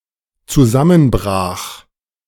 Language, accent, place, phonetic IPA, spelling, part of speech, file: German, Germany, Berlin, [t͡suˈzamənˌbʁaːx], zusammenbrach, verb, De-zusammenbrach.ogg
- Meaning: first/third-person singular dependent preterite of zusammenbrechen